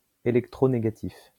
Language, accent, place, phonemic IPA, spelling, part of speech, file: French, France, Lyon, /e.lɛk.tʁo.ne.ɡa.tif/, électronégatif, adjective, LL-Q150 (fra)-électronégatif.wav
- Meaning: electronegative